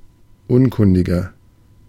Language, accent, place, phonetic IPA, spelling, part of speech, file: German, Germany, Berlin, [ˈʊnˌkʊndɪɡɐ], unkundiger, adjective, De-unkundiger.ogg
- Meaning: 1. comparative degree of unkundig 2. inflection of unkundig: strong/mixed nominative masculine singular 3. inflection of unkundig: strong genitive/dative feminine singular